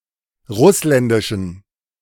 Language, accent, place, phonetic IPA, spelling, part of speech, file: German, Germany, Berlin, [ˈʁʊslɛndɪʃn̩], russländischen, adjective, De-russländischen.ogg
- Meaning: inflection of russländisch: 1. strong genitive masculine/neuter singular 2. weak/mixed genitive/dative all-gender singular 3. strong/weak/mixed accusative masculine singular 4. strong dative plural